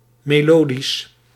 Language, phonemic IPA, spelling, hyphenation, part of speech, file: Dutch, /meːˈloːdis/, melodisch, me‧lo‧disch, adjective, Nl-melodisch.ogg
- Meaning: melodic